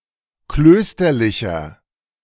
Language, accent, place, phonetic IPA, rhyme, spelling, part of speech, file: German, Germany, Berlin, [ˈkløːstɐlɪçɐ], -øːstɐlɪçɐ, klösterlicher, adjective, De-klösterlicher.ogg
- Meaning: inflection of klösterlich: 1. strong/mixed nominative masculine singular 2. strong genitive/dative feminine singular 3. strong genitive plural